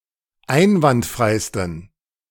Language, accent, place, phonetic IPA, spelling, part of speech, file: German, Germany, Berlin, [ˈaɪ̯nvantˌfʁaɪ̯stn̩], einwandfreisten, adjective, De-einwandfreisten.ogg
- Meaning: 1. superlative degree of einwandfrei 2. inflection of einwandfrei: strong genitive masculine/neuter singular superlative degree